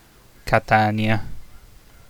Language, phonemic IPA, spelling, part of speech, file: Italian, /kaˈtanja/, Catania, proper noun, It-Catania.ogg